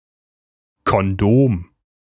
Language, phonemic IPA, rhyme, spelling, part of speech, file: German, /kɔnˈdoːm/, -oːm, Kondom, noun, De-Kondom.ogg
- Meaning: condom